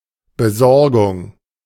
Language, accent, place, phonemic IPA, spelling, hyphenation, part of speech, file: German, Germany, Berlin, /bəˈzɔʁɡʊŋ/, Besorgung, Be‧sor‧gung, noun, De-Besorgung.ogg
- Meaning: errand